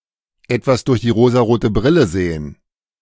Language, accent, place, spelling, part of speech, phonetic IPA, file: German, Germany, Berlin, etwas durch die rosarote Brille sehen, verb, [ˈɛtvas dʊʁç diː ˈʁoːzaˈʁoːtə ˈbʁɪlə ˈzeːən], De-etwas durch die rosarote Brille sehen.ogg
- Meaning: to wear rose-colored glasses